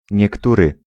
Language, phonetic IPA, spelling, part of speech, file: Polish, [ɲɛˈkturɨ], niektóry, pronoun, Pl-niektóry.ogg